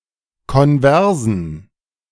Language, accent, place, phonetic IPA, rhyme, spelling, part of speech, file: German, Germany, Berlin, [kɔnˈvɛʁzn̩], -ɛʁzn̩, konversen, adjective, De-konversen.ogg
- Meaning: inflection of konvers: 1. strong genitive masculine/neuter singular 2. weak/mixed genitive/dative all-gender singular 3. strong/weak/mixed accusative masculine singular 4. strong dative plural